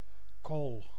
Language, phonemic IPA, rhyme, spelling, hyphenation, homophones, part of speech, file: Dutch, /koːl/, -oːl, kool, kool, kohl, noun, Nl-kool.ogg
- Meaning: 1. a cabbage, plant of genus Brassica 2. the edible leaves of a Brassica 3. coal 4. carbon